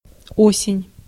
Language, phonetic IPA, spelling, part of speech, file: Russian, [ˈosʲɪnʲ], осень, noun, Ru-осень.ogg
- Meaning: autumn, fall